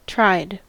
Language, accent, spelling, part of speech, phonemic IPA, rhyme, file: English, US, tried, adjective / verb, /tɹaɪd/, -aɪd, En-us-tried.ogg
- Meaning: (adjective) 1. Tested, hence, proven to be firm or reliable 2. Put on trial, taken before a lawcourt; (verb) simple past and past participle of try